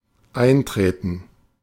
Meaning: 1. to enter, to come into 2. to occur, to eventuate 3. to join a club association etc. [with in (+ accusative)] 4. to advocate, to support, to stand for, to champion [with für (+ accusative)]
- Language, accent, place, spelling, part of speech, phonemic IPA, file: German, Germany, Berlin, eintreten, verb, /ˈʔaɪ̯ntʁeːtən/, De-eintreten.ogg